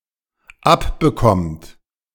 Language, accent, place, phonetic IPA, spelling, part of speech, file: German, Germany, Berlin, [ˈapbəˌkɔmt], abbekommt, verb, De-abbekommt.ogg
- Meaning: inflection of abbekommen: 1. third-person singular dependent present 2. second-person plural dependent present